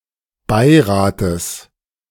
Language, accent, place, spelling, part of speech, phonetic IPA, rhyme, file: German, Germany, Berlin, Beirates, noun, [ˈbaɪ̯ˌʁaːtəs], -aɪ̯ʁaːtəs, De-Beirates.ogg
- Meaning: genitive singular of Beirat